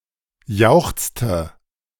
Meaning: inflection of jauchzen: 1. first/third-person singular preterite 2. first/third-person singular subjunctive II
- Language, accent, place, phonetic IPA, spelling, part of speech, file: German, Germany, Berlin, [ˈjaʊ̯xt͡stə], jauchzte, verb, De-jauchzte.ogg